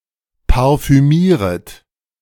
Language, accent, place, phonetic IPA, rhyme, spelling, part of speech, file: German, Germany, Berlin, [paʁfyˈmiːʁət], -iːʁət, parfümieret, verb, De-parfümieret.ogg
- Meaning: second-person plural subjunctive I of parfümieren